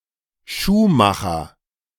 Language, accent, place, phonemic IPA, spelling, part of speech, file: German, Germany, Berlin, /ˈʃuːˌmaxɐ/, Schuhmacher, noun / proper noun, De-Schuhmacher.ogg
- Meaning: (noun) shoemaker; cobbler; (proper noun) a surname originating as an occupation